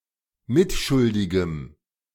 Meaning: strong dative masculine/neuter singular of mitschuldig
- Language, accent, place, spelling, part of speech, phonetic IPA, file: German, Germany, Berlin, mitschuldigem, adjective, [ˈmɪtˌʃʊldɪɡəm], De-mitschuldigem.ogg